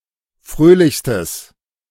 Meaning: strong/mixed nominative/accusative neuter singular superlative degree of fröhlich
- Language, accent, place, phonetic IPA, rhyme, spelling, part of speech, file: German, Germany, Berlin, [ˈfʁøːlɪçstəs], -øːlɪçstəs, fröhlichstes, adjective, De-fröhlichstes.ogg